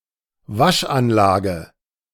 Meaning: 1. wash system 2. car wash
- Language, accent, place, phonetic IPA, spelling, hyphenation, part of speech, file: German, Germany, Berlin, [ˈvaʃʔanlaːɡə], Waschanlage, Wasch‧an‧la‧ge, noun, De-Waschanlage.ogg